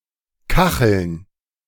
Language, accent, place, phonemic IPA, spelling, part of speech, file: German, Germany, Berlin, /ˈkaxl̩n/, kacheln, verb, De-kacheln.ogg
- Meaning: 1. to tile 2. to get going